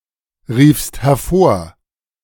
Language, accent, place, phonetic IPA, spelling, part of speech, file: German, Germany, Berlin, [ˌʁiːfst hɛɐ̯ˈfoːɐ̯], riefst hervor, verb, De-riefst hervor.ogg
- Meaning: second-person singular preterite of hervorrufen